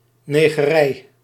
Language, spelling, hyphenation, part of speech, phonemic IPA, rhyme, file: Dutch, negerij, ne‧ge‧rij, noun, /ˌneː.ɣəˈrɛi̯/, -ɛi̯, Nl-negerij.ogg
- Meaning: alternative form of negorij